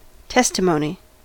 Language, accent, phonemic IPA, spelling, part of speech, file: English, US, /ˈtɛstɪmoʊni/, testimony, noun, En-us-testimony.ogg
- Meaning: 1. Statements made by a witness in court 2. An account of first-hand experience